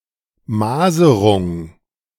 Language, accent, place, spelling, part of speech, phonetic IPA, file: German, Germany, Berlin, Maserung, noun, [ˈmaːzəʁʊŋ], De-Maserung.ogg
- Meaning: grain (linear texture of material or surface)